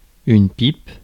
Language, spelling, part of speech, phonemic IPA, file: French, pipe, noun, /pip/, Fr-pipe.ogg
- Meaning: 1. tobacco pipe 2. blowjob 3. the pipe symbol ( | )